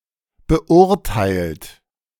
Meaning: 1. past participle of beurteilen 2. inflection of beurteilen: third-person singular present 3. inflection of beurteilen: second-person plural present 4. inflection of beurteilen: plural imperative
- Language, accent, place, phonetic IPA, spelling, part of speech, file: German, Germany, Berlin, [bəˈʔʊʁtaɪ̯lt], beurteilt, verb, De-beurteilt.ogg